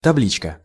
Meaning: plate, sign
- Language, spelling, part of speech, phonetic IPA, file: Russian, табличка, noun, [tɐˈblʲit͡ɕkə], Ru-табличка.ogg